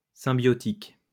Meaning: symbiotic
- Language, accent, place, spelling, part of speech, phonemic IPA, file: French, France, Lyon, symbiotique, adjective, /sɛ̃.bjɔ.tik/, LL-Q150 (fra)-symbiotique.wav